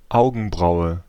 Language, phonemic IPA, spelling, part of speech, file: German, /ˈaʊ̯ɡənˌbʁaʊ̯ə/, Augenbraue, noun, De-Augenbraue.ogg
- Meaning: eyebrow